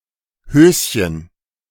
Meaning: 1. diminutive of Hose 2. panties, knickers (women’s underwear) 3. briefs (men’s underwear)
- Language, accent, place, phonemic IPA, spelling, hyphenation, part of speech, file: German, Germany, Berlin, /ˈhøːsçən/, Höschen, Hös‧chen, noun, De-Höschen.ogg